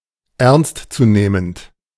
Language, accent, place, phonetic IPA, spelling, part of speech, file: German, Germany, Berlin, [ˈɛʁnstt͡suˌneːmənt], ernst zu nehmend, adjective, De-ernst zu nehmend.ogg
- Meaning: alternative form of ernstzunehmend